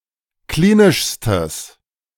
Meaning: strong/mixed nominative/accusative neuter singular superlative degree of klinisch
- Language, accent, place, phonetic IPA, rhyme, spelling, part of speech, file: German, Germany, Berlin, [ˈkliːnɪʃstəs], -iːnɪʃstəs, klinischstes, adjective, De-klinischstes.ogg